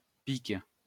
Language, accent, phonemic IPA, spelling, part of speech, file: French, France, /pik/, pique, noun / verb, LL-Q150 (fra)-pique.wav
- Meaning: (noun) 1. pike, lance 2. spade (as a card suit); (verb) inflection of piquer: 1. first/third-person singular present indicative/subjunctive 2. second-person singular imperative